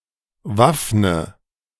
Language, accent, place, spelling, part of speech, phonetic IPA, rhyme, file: German, Germany, Berlin, waffne, verb, [ˈvafnə], -afnə, De-waffne.ogg
- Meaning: inflection of waffnen: 1. first-person singular present 2. first/third-person singular subjunctive I 3. singular imperative